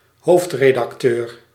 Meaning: editor-in-chief
- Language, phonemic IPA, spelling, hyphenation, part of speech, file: Dutch, /ˈɦoːft.reː.dɑkˌtøːr/, hoofdredacteur, hoofd‧re‧dac‧teur, noun, Nl-hoofdredacteur.ogg